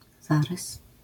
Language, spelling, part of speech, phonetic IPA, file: Polish, zarys, noun, [ˈzarɨs], LL-Q809 (pol)-zarys.wav